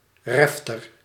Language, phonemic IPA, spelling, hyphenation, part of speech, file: Dutch, /ˈrɛf.tər/, refter, ref‧ter, noun, Nl-refter.ogg
- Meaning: mess hall, refectory